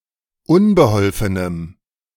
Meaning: strong dative masculine/neuter singular of unbeholfen
- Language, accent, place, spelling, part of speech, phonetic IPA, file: German, Germany, Berlin, unbeholfenem, adjective, [ˈʊnbəˌhɔlfənəm], De-unbeholfenem.ogg